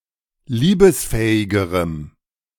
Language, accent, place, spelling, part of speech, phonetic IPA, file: German, Germany, Berlin, liebesfähigerem, adjective, [ˈliːbəsˌfɛːɪɡəʁəm], De-liebesfähigerem.ogg
- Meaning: strong dative masculine/neuter singular comparative degree of liebesfähig